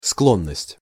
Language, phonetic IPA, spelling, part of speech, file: Russian, [ˈskɫonːəsʲtʲ], склонность, noun, Ru-склонность.ogg
- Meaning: 1. propensity, proclivity 2. tendency, inclination, disposition 3. leaning, penchant 4. predilection 5. taste 6. addiction 7. bent 8. aptitude 9. predisposition 10. appetite